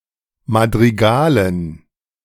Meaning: dative plural of Madrigal
- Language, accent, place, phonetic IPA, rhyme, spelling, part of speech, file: German, Germany, Berlin, [madʁiˈɡaːlən], -aːlən, Madrigalen, noun, De-Madrigalen.ogg